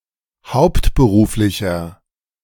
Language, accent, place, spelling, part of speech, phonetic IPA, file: German, Germany, Berlin, hauptberuflicher, adjective, [ˈhaʊ̯ptbəˌʁuːflɪçɐ], De-hauptberuflicher.ogg
- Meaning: inflection of hauptberuflich: 1. strong/mixed nominative masculine singular 2. strong genitive/dative feminine singular 3. strong genitive plural